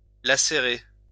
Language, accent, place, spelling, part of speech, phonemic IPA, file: French, France, Lyon, lacérer, verb, /la.se.ʁe/, LL-Q150 (fra)-lacérer.wav
- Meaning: lacerate (to tear, rip or wound)